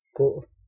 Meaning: 1. to go 2. to walk
- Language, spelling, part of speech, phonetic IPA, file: Danish, gå, verb, [ˈɡ̊ɔˀ], Da-gå.ogg